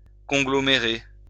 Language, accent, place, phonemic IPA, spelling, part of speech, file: French, France, Lyon, /kɔ̃.ɡlɔ.me.ʁe/, conglomérer, verb, LL-Q150 (fra)-conglomérer.wav
- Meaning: to conglomerate